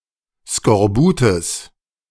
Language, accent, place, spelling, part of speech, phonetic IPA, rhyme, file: German, Germany, Berlin, Skorbutes, noun, [skɔʁˈbuːtəs], -uːtəs, De-Skorbutes.ogg
- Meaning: genitive singular of Skorbut